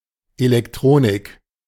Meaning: electronics
- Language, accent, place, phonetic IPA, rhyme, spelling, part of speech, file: German, Germany, Berlin, [elɛkˈtʁoːnɪk], -oːnɪk, Elektronik, noun, De-Elektronik.ogg